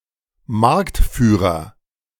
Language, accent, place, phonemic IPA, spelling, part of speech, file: German, Germany, Berlin, /ˈmaʁktˌfyːʁɐ/, Marktführer, noun, De-Marktführer.ogg
- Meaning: market leader, brand leader